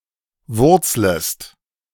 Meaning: second-person singular subjunctive I of wurzeln
- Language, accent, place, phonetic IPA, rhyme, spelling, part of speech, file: German, Germany, Berlin, [ˈvʊʁt͡sləst], -ʊʁt͡sləst, wurzlest, verb, De-wurzlest.ogg